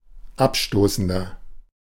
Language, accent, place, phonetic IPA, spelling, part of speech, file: German, Germany, Berlin, [ˈapˌʃtoːsn̩dɐ], abstoßender, adjective, De-abstoßender.ogg
- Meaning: 1. comparative degree of abstoßend 2. inflection of abstoßend: strong/mixed nominative masculine singular 3. inflection of abstoßend: strong genitive/dative feminine singular